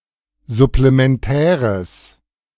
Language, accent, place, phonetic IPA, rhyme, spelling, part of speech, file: German, Germany, Berlin, [zʊplemɛnˈtɛːʁəs], -ɛːʁəs, supplementäres, adjective, De-supplementäres.ogg
- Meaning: strong/mixed nominative/accusative neuter singular of supplementär